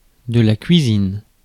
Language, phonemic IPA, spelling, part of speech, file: French, /kɥi.zin/, cuisine, noun / verb, Fr-cuisine.ogg
- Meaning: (noun) 1. kitchen 2. culinary art or cuisine; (verb) inflection of cuisiner: 1. first/third-person singular present indicative/subjunctive 2. second-person singular imperative